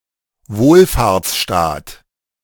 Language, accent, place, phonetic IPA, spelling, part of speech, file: German, Germany, Berlin, [ˈvoːlfaːɐ̯t͡sˌʃtaːt], Wohlfahrtsstaat, noun, De-Wohlfahrtsstaat.ogg
- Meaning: welfare state